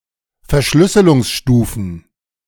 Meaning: plural of Verschlüsselungsstufe
- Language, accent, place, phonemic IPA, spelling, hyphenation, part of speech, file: German, Germany, Berlin, /fɛɐ̯ˈʃlʏsəlʊŋsˌʃtuːfn̩/, Verschlüsselungsstufen, Ver‧schlüs‧se‧lungs‧stu‧fen, noun, De-Verschlüsselungsstufen.ogg